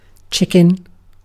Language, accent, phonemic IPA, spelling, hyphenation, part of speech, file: English, Received Pronunciation, /ˈt͡ʃɪkɪn/, chicken, chick‧en, noun / adjective / verb, En-uk-chicken.ogg
- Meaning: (noun) 1. A domesticated subspecies of red junglefowl (Gallus gallus domesticus) 2. The meat from this bird eaten as food 3. The young of any bird; a chick 4. A coward